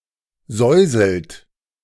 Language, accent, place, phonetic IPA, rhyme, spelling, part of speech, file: German, Germany, Berlin, [ˈzɔɪ̯zl̩t], -ɔɪ̯zl̩t, säuselt, verb, De-säuselt.ogg
- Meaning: inflection of säuseln: 1. second-person plural present 2. third-person singular present 3. plural imperative